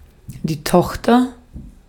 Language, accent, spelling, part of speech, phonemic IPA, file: German, Austria, Tochter, noun, /ˈtɔx.tɐ/, De-at-Tochter.ogg
- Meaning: 1. daughter 2. subsidiary (company)